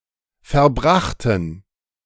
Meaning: first/third-person plural preterite of verbringen
- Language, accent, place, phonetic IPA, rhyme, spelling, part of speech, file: German, Germany, Berlin, [fɛɐ̯ˈbʁaxtn̩], -axtn̩, verbrachten, adjective / verb, De-verbrachten.ogg